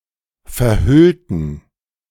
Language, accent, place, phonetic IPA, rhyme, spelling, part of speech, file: German, Germany, Berlin, [fɛɐ̯ˈhʏltn̩], -ʏltn̩, verhüllten, adjective / verb, De-verhüllten.ogg
- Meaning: inflection of verhüllen: 1. first/third-person plural preterite 2. first/third-person plural subjunctive II